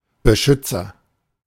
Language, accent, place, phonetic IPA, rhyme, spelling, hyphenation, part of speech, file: German, Germany, Berlin, [bəˈʃʏt͡sɐ], -ʏt͡sɐ, Beschützer, Be‧schüt‧zer, noun, De-Beschützer.ogg
- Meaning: protector (male or of unspecified gender)